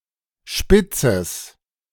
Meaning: strong/mixed nominative/accusative neuter singular of spitz
- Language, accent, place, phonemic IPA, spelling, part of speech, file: German, Germany, Berlin, /ˈʃpɪtsəs/, spitzes, adjective, De-spitzes.ogg